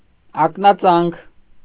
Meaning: veneration, reverence, respect
- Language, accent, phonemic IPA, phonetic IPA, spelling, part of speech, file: Armenian, Eastern Armenian, /ɑknɑˈt͡sɑnkʰ/, [ɑknɑt͡sɑ́ŋkʰ], ակնածանք, noun, Hy-ակնածանք.ogg